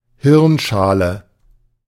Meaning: braincase (the part of the skull containing the brain)
- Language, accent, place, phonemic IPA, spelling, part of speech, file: German, Germany, Berlin, /ˈhɪʁnˌʃaːlə/, Hirnschale, noun, De-Hirnschale.ogg